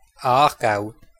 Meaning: Aargau (a canton of Switzerland)
- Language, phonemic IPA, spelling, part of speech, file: German, /ˈaːɐ̯ˌɡaʊ̯/, Aargau, proper noun, De-Aargau.ogg